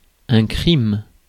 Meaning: a category of severe offences within French law, comparable to a felony under United States laws. Crime are tied to the strongest of penalties, 10 years and more according to law
- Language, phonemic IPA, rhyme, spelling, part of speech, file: French, /kʁim/, -im, crime, noun, Fr-crime.ogg